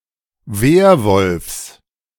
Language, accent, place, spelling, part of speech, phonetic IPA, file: German, Germany, Berlin, Werwolfs, noun, [ˈveːɐ̯vɔlfs], De-Werwolfs.ogg
- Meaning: genitive singular of Werwolf